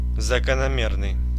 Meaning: regular, appropriate, natural, in accordance with the laws (e.g. of nature)
- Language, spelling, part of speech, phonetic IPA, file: Russian, закономерный, adjective, [zəkənɐˈmʲernɨj], Ru-закономерный.ogg